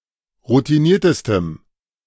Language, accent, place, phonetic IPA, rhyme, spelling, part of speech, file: German, Germany, Berlin, [ʁutiˈniːɐ̯təstəm], -iːɐ̯təstəm, routiniertestem, adjective, De-routiniertestem.ogg
- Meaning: strong dative masculine/neuter singular superlative degree of routiniert